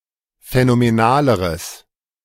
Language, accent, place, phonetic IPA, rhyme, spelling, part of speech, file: German, Germany, Berlin, [fɛnomeˈnaːləʁəs], -aːləʁəs, phänomenaleres, adjective, De-phänomenaleres.ogg
- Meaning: strong/mixed nominative/accusative neuter singular comparative degree of phänomenal